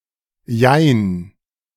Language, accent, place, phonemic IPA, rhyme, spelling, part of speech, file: German, Germany, Berlin, /jaɪ̯n/, -aɪ̯n, jein, interjection, De-jein.ogg
- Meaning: yes and no, yes but also no; kinda